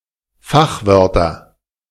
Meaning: nominative/accusative/genitive plural of Fachwort
- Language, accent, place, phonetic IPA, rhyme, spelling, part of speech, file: German, Germany, Berlin, [ˈfaxˌvœʁtɐ], -axvœʁtɐ, Fachwörter, noun, De-Fachwörter.ogg